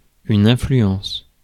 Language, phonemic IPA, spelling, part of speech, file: French, /ɛ̃.fly.ɑ̃s/, influence, noun / verb, Fr-influence.ogg
- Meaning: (noun) influence; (verb) inflection of influencer: 1. first/third-person singular present indicative/subjunctive 2. second-person singular imperative